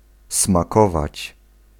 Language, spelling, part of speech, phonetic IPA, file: Polish, smakować, verb, [smaˈkɔvat͡ɕ], Pl-smakować.ogg